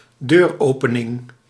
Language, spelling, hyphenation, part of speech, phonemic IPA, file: Dutch, deuropening, deur‧ope‧ning, noun, /ˈdøːrˌoːpənɪŋ/, Nl-deuropening.ogg
- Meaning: doorway, door opening